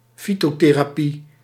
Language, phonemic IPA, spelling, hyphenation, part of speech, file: Dutch, /ˈfi.toː.teː.raːˌpi/, fytotherapie, fy‧to‧the‧ra‧pie, noun, Nl-fytotherapie.ogg
- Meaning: phytotherapy